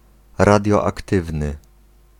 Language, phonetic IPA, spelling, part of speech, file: Polish, [ˌradʲjɔakˈtɨvnɨ], radioaktywny, adjective, Pl-radioaktywny.ogg